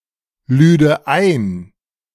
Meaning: first/third-person singular subjunctive II of einladen
- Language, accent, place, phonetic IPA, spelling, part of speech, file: German, Germany, Berlin, [ˌlyːdə ˈaɪ̯n], lüde ein, verb, De-lüde ein.ogg